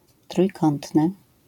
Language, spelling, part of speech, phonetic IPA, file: Polish, trójkątny, adjective, [trujˈkɔ̃ntnɨ], LL-Q809 (pol)-trójkątny.wav